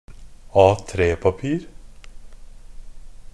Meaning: A piece of paper in the standard A3 format
- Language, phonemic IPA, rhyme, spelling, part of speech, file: Norwegian Bokmål, /ˈɑːtreːpapiːr/, -iːr, A3-papir, noun, NB - Pronunciation of Norwegian Bokmål «A3-papir».ogg